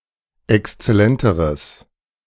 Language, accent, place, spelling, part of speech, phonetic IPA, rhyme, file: German, Germany, Berlin, exzellenteres, adjective, [ɛkst͡sɛˈlɛntəʁəs], -ɛntəʁəs, De-exzellenteres.ogg
- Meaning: strong/mixed nominative/accusative neuter singular comparative degree of exzellent